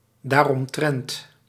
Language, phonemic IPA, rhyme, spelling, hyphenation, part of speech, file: Dutch, /ˌdaːr.ɔmˈtrɛnt/, -ɛnt, daaromtrent, daar‧om‧trent, adverb, Nl-daaromtrent.ogg
- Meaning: pronominal adverb form of omtrent + dat